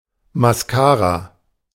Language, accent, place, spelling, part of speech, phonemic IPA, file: German, Germany, Berlin, Mascara, noun, /masˈkaːra/, De-Mascara.ogg
- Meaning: synonym of Wimperntusche (“mascara”)